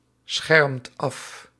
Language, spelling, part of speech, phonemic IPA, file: Dutch, schermt af, verb, /ˈsxɛrᵊmt ˈɑf/, Nl-schermt af.ogg
- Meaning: inflection of afschermen: 1. second/third-person singular present indicative 2. plural imperative